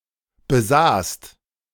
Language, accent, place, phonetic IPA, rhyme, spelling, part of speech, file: German, Germany, Berlin, [bəˈzaːst], -aːst, besaßt, verb, De-besaßt.ogg
- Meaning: second-person singular/plural preterite of besitzen